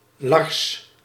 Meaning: a male given name
- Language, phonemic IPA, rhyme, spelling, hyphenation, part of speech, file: Dutch, /lɑrs/, -ɑrs, Lars, Lars, proper noun, Nl-Lars.ogg